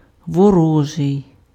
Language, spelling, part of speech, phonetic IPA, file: Ukrainian, ворожий, adjective, [wɔˈrɔʒei̯], Uk-ворожий.ogg
- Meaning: 1. enemy (attributive) 2. hostile, inimical